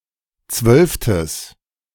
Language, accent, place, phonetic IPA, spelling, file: German, Germany, Berlin, [ˈt͡svœlftəs], zwölftes, De-zwölftes.ogg
- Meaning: strong/mixed nominative/accusative neuter singular of zwölfte